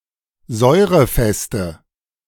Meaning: inflection of säurefest: 1. strong/mixed nominative/accusative feminine singular 2. strong nominative/accusative plural 3. weak nominative all-gender singular
- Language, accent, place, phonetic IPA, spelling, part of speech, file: German, Germany, Berlin, [ˈzɔɪ̯ʁəˌfɛstə], säurefeste, adjective, De-säurefeste.ogg